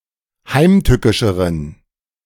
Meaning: inflection of heimtückisch: 1. strong genitive masculine/neuter singular comparative degree 2. weak/mixed genitive/dative all-gender singular comparative degree
- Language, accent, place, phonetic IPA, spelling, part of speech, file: German, Germany, Berlin, [ˈhaɪ̯mˌtʏkɪʃəʁən], heimtückischeren, adjective, De-heimtückischeren.ogg